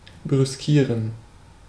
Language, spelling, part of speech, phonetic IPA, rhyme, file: German, brüskieren, verb, [bʁʏsˈkiːʁən], -iːʁən, De-brüskieren.ogg
- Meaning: to affront